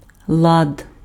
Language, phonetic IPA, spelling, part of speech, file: Ukrainian, [ɫad], лад, noun, Uk-лад.ogg
- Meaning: 1. order (tidiness, orderliness, opposite of chaos) 2. coherence, organization 3. consent, agreement 4. method, manner, way 5. social system 6. structure, syntax 7. mode 8. frets